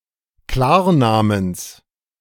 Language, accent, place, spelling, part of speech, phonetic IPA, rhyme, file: German, Germany, Berlin, Klarnamens, noun, [ˈklaːɐ̯ˌnaːməns], -aːɐ̯naːməns, De-Klarnamens.ogg
- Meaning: genitive singular of Klarname